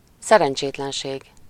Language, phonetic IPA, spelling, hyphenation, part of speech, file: Hungarian, [ˈsɛrɛnt͡ʃeːtlɛnʃeːɡ], szerencsétlenség, sze‧ren‧csét‧len‧ség, noun, Hu-szerencsétlenség.ogg
- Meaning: 1. misfortune, bad luck 2. misfortune (undesirable event) 3. disaster, catastrophe